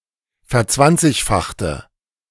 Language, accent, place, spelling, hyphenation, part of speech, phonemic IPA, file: German, Germany, Berlin, verzwanzigfachte, ver‧zwan‧zig‧fach‧te, verb, /fɛɐ̯ˈt͡svant͡sɪçaxtə/, De-verzwanzigfachte.ogg
- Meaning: inflection of verzwanzigfachen: 1. first/third-person singular preterite 2. first/third-person singular subjunctive II